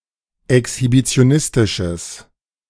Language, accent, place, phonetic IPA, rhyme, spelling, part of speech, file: German, Germany, Berlin, [ɛkshibit͡si̯oˈnɪstɪʃəs], -ɪstɪʃəs, exhibitionistisches, adjective, De-exhibitionistisches.ogg
- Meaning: strong/mixed nominative/accusative neuter singular of exhibitionistisch